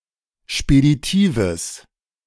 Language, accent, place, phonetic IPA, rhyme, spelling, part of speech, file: German, Germany, Berlin, [ʃpediˈtiːvəs], -iːvəs, speditives, adjective, De-speditives.ogg
- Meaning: strong/mixed nominative/accusative neuter singular of speditiv